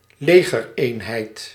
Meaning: army unit, military unit
- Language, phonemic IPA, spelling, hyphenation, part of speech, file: Dutch, /ˈleː.ɣərˌeːn.ɦɛi̯t/, legereenheid, le‧ger‧een‧heid, noun, Nl-legereenheid.ogg